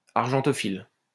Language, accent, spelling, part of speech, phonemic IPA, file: French, France, argentophile, adjective, /aʁ.ʒɑ̃.tɔ.fil/, LL-Q150 (fra)-argentophile.wav
- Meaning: argentophilic